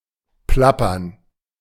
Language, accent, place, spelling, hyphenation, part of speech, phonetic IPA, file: German, Germany, Berlin, plappern, plap‧pern, verb, [ˈplapɐn], De-plappern.ogg
- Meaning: to babble